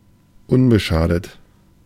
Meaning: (adjective) unscathed, uninjured, inviolate; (preposition) without prejudice to
- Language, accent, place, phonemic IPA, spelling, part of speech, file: German, Germany, Berlin, /ˈʊnbəˌʃaːdət/, unbeschadet, adjective / preposition, De-unbeschadet.ogg